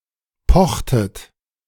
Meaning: inflection of pochen: 1. second-person plural preterite 2. second-person plural subjunctive II
- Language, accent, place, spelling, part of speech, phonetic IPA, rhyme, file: German, Germany, Berlin, pochtet, verb, [ˈpɔxtət], -ɔxtət, De-pochtet.ogg